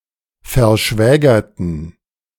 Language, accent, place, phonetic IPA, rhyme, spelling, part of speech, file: German, Germany, Berlin, [fɛɐ̯ˈʃvɛːɡɐtn̩], -ɛːɡɐtn̩, verschwägerten, adjective / verb, De-verschwägerten.ogg
- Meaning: inflection of verschwägert: 1. strong genitive masculine/neuter singular 2. weak/mixed genitive/dative all-gender singular 3. strong/weak/mixed accusative masculine singular 4. strong dative plural